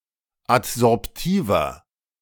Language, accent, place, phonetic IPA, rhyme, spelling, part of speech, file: German, Germany, Berlin, [atzɔʁpˈtiːvɐ], -iːvɐ, adsorptiver, adjective, De-adsorptiver.ogg
- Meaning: inflection of adsorptiv: 1. strong/mixed nominative masculine singular 2. strong genitive/dative feminine singular 3. strong genitive plural